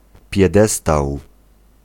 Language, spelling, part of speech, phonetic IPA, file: Polish, piedestał, noun, [pʲjɛˈdɛstaw], Pl-piedestał.ogg